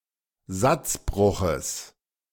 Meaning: genitive of Satzbruch
- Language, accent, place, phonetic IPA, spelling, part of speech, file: German, Germany, Berlin, [ˈzat͡sbʁʊxəs], Satzbruches, noun, De-Satzbruches.ogg